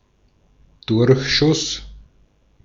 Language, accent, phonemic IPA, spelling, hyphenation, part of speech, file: German, Austria, /ˈdʊʁçˌʃʊs/, Durchschuss, Durch‧schuss, noun, De-at-Durchschuss.ogg
- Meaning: 1. perforating projectile (i.e. one that goes through the target) 2. leading (the space between the bottom of one line and the top of the next)